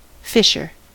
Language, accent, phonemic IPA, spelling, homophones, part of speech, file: English, US, /ˈfɪʃɚ/, fisher, fissure / phisher, noun, En-us-fisher.ogg
- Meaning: 1. A person who catches fish, especially for a living or for sport; a person engaging in the pastime of fishing 2. A North American marten-like mammal (Pekania pennanti), that has thick brown fur